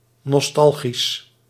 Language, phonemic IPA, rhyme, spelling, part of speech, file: Dutch, /nɔsˈtɑl.ɣis/, -ɑlɣis, nostalgisch, adjective, Nl-nostalgisch.ogg
- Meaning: nostalgic